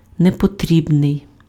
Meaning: unnecessary
- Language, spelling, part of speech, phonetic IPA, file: Ukrainian, непотрібний, adjective, [nepoˈtʲrʲibnei̯], Uk-непотрібний.ogg